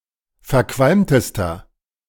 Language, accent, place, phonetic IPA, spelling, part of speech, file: German, Germany, Berlin, [fɛɐ̯ˈkvalmtəstɐ], verqualmtester, adjective, De-verqualmtester.ogg
- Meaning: inflection of verqualmt: 1. strong/mixed nominative masculine singular superlative degree 2. strong genitive/dative feminine singular superlative degree 3. strong genitive plural superlative degree